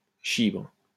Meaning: cock, dick
- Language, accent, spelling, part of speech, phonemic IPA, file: French, France, chibre, noun, /ʃibʁ/, LL-Q150 (fra)-chibre.wav